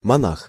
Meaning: monk
- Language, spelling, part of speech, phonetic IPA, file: Russian, монах, noun, [mɐˈnax], Ru-монах.ogg